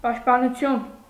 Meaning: 1. protection 2. defence
- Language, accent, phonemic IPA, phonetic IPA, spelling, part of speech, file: Armenian, Eastern Armenian, /pɑʃtpɑnuˈtʰjun/, [pɑʃtpɑnut͡sʰjún], պաշտպանություն, noun, Hy-պաշտպանություն.ogg